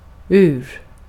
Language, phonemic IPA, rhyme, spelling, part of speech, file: Swedish, /ʉːr/, -ʉːr, ur, preposition / noun, Sv-ur.ogg
- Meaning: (preposition) out of, (out) from; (noun) watch, clock (usually a mechanical one, and when greater emphasis is put on the mechanism)